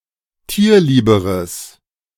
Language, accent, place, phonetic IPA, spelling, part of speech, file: German, Germany, Berlin, [ˈtiːɐ̯ˌliːbəʁəs], tierlieberes, adjective, De-tierlieberes.ogg
- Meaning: strong/mixed nominative/accusative neuter singular comparative degree of tierlieb